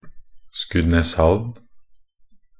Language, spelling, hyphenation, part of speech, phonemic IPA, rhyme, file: Norwegian Bokmål, Skudeneshavn, Sku‧de‧nes‧havn, proper noun, /ˈskʉːdɛnəshaʋn/, -aʋn, Nb-skudeneshavn.ogg
- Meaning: Skudeneshavn (a town and former municipality of Karmøy, Rogaland, Western Norway, Norway)